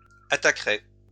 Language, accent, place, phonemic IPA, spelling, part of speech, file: French, France, Lyon, /a.ta.kʁe/, attaquerai, verb, LL-Q150 (fra)-attaquerai.wav
- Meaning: first-person singular future of attaquer